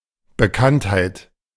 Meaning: 1. fame 2. celebrity
- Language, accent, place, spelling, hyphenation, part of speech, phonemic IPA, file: German, Germany, Berlin, Bekanntheit, Be‧kannt‧heit, noun, /bəˈkanthaɪ̯t/, De-Bekanntheit.ogg